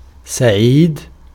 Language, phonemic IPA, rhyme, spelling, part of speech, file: Arabic, /sa.ʕiːd/, -iːd, سعيد, adjective / proper noun, Ar-سعيد.ogg
- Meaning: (adjective) 1. happy, cheerful, joyous 2. lucky; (proper noun) 1. a male given name, Said 2. a surname